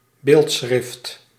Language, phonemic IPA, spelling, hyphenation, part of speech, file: Dutch, /ˈbeːlt.sxrɪft/, beeldschrift, beeld‧schrift, noun, Nl-beeldschrift.ogg
- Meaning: ideographic script